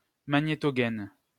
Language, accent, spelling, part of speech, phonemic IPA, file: French, France, magnétogaine, noun, /ma.ɲe.tɔ.ɡɛn/, LL-Q150 (fra)-magnétogaine.wav
- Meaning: magnetosheath